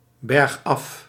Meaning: 1. downhill, moving down a slope 2. downhill, worsening
- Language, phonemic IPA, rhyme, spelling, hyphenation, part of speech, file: Dutch, /bɛrxˈɑf/, -ɑf, bergaf, berg‧af, adverb, Nl-bergaf.ogg